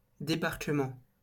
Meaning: 1. landing 2. debarkation 3. disembarking 4. disembarkation, disembarkment
- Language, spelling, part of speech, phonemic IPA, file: French, débarquement, noun, /de.baʁ.kə.mɑ̃/, LL-Q150 (fra)-débarquement.wav